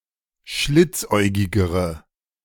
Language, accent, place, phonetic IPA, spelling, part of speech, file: German, Germany, Berlin, [ˈʃlɪt͡sˌʔɔɪ̯ɡɪɡəʁə], schlitzäugigere, adjective, De-schlitzäugigere.ogg
- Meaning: inflection of schlitzäugig: 1. strong/mixed nominative/accusative feminine singular comparative degree 2. strong nominative/accusative plural comparative degree